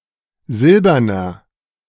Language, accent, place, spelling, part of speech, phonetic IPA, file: German, Germany, Berlin, silberner, adjective, [ˈzɪlbɐnɐ], De-silberner.ogg
- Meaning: inflection of silbern: 1. strong/mixed nominative masculine singular 2. strong genitive/dative feminine singular 3. strong genitive plural